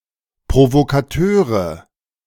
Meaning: nominative/accusative/genitive plural of Provokateur
- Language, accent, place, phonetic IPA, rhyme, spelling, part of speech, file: German, Germany, Berlin, [pʁovokaˈtøːʁə], -øːʁə, Provokateure, noun, De-Provokateure.ogg